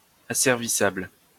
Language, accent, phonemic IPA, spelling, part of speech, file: French, France, /a.sɛʁ.vi.sabl/, asservissable, adjective, LL-Q150 (fra)-asservissable.wav
- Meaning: enslavable